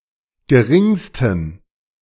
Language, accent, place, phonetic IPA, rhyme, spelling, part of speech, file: German, Germany, Berlin, [ɡəˈʁɪŋstn̩], -ɪŋstn̩, geringsten, adjective, De-geringsten.ogg
- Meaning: 1. superlative degree of gering 2. inflection of gering: strong genitive masculine/neuter singular superlative degree